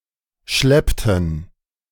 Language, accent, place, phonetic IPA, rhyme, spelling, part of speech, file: German, Germany, Berlin, [ˈʃlɛptn̩], -ɛptn̩, schleppten, verb, De-schleppten.ogg
- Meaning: inflection of schleppen: 1. first/third-person plural preterite 2. first/third-person plural subjunctive II